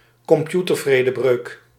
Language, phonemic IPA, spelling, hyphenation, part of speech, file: Dutch, /kɔmˈpju.tər.vreː.dəˌbrøːk/, computervredebreuk, com‧pu‧ter‧vre‧de‧breuk, noun, Nl-computervredebreuk.ogg
- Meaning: computer intrusion (unauthorised accessing of a computer)